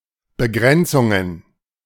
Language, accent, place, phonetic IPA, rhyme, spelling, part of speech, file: German, Germany, Berlin, [bəˈɡʁɛnt͡sʊŋən], -ɛnt͡sʊŋən, Begrenzungen, noun, De-Begrenzungen.ogg
- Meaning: plural of Begrenzung